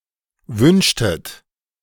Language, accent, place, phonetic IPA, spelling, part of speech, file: German, Germany, Berlin, [ˈvʏnʃtət], wünschtet, verb, De-wünschtet.ogg
- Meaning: inflection of wünschen: 1. second-person plural preterite 2. second-person plural subjunctive II